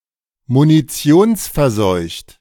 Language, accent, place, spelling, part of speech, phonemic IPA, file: German, Germany, Berlin, munitionsverseucht, adjective, /muniˈtsi̯onsfɛɐ̯ˌsɔɪ̯çt/, De-munitionsverseucht.ogg
- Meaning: contaminated with munitions